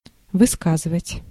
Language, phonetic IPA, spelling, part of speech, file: Russian, [vɨˈskazɨvətʲ], высказывать, verb, Ru-высказывать.ogg
- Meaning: to express (oneself), to say, to tell, to pronounce